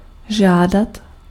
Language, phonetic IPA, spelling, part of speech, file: Czech, [ˈʒaːdat], žádat, verb, Cs-žádat.ogg
- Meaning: 1. to require 2. to request 3. to ask for